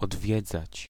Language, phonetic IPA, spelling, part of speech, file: Polish, [ɔdˈvʲjɛd͡zat͡ɕ], odwiedzać, verb, Pl-odwiedzać.ogg